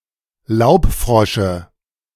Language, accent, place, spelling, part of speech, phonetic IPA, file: German, Germany, Berlin, Laubfrosche, noun, [ˈlaʊ̯pˌfʁɔʃə], De-Laubfrosche.ogg
- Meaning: dative singular of Laubfrosch